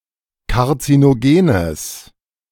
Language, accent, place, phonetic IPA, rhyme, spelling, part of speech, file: German, Germany, Berlin, [kaʁt͡sinoˈɡeːnəs], -eːnəs, karzinogenes, adjective, De-karzinogenes.ogg
- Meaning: strong/mixed nominative/accusative neuter singular of karzinogen